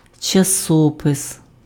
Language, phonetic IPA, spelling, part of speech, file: Ukrainian, [t͡ʃɐˈsɔpes], часопис, noun, Uk-часопис.ogg
- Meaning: 1. newspaper 2. magazine, journal (periodical publication)